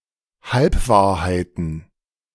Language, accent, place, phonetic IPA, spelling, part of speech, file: German, Germany, Berlin, [ˈhalpˌvaːɐ̯haɪ̯tn̩], Halbwahrheiten, noun, De-Halbwahrheiten.ogg
- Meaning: plural of Halbwahrheit